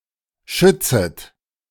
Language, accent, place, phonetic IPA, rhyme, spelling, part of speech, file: German, Germany, Berlin, [ˈʃʏt͡sət], -ʏt͡sət, schützet, verb, De-schützet.ogg
- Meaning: second-person plural subjunctive I of schützen